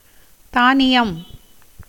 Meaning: grain, cereals
- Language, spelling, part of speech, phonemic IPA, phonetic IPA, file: Tamil, தானியம், noun, /t̪ɑːnɪjɐm/, [t̪äːnɪjɐm], Ta-தானியம்.ogg